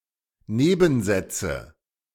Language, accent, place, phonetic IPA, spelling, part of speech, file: German, Germany, Berlin, [ˈneːbn̩ˌzɛt͡sə], Nebensätze, noun, De-Nebensätze.ogg
- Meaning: nominative/accusative/genitive plural of Nebensatz